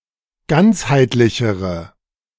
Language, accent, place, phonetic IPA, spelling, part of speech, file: German, Germany, Berlin, [ˈɡant͡shaɪ̯tlɪçəʁə], ganzheitlichere, adjective, De-ganzheitlichere.ogg
- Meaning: inflection of ganzheitlich: 1. strong/mixed nominative/accusative feminine singular comparative degree 2. strong nominative/accusative plural comparative degree